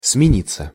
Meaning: 1. to turn, to change 2. to alternate, to take turns 3. to be relieved 4. passive of смени́ть (smenítʹ)
- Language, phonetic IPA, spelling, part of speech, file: Russian, [smʲɪˈnʲit͡sːə], смениться, verb, Ru-смениться.ogg